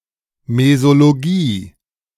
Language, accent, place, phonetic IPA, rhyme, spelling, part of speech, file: German, Germany, Berlin, [mezoloˈɡiː], -iː, Mesologie, noun, De-Mesologie.ogg
- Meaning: mesology